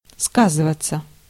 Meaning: 1. to affect 2. to manifest itself in, to show 3. to pretend to be (by reporting)
- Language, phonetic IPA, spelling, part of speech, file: Russian, [ˈskazɨvət͡s(ː)ə], сказываться, verb, Ru-сказываться.ogg